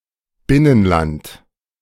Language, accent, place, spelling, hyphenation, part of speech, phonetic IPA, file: German, Germany, Berlin, Binnenland, Bin‧nen‧land, noun, [ˈbɪnənˌlant], De-Binnenland.ogg
- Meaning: inland